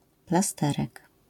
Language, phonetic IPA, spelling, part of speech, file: Polish, [plaˈstɛrɛk], plasterek, noun, LL-Q809 (pol)-plasterek.wav